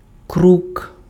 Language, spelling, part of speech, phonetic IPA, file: Ukrainian, крук, noun, [kruk], Uk-крук.ogg
- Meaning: raven